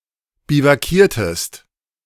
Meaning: inflection of biwakieren: 1. second-person singular preterite 2. second-person singular subjunctive II
- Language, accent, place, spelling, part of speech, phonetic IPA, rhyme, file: German, Germany, Berlin, biwakiertest, verb, [bivaˈkiːɐ̯təst], -iːɐ̯təst, De-biwakiertest.ogg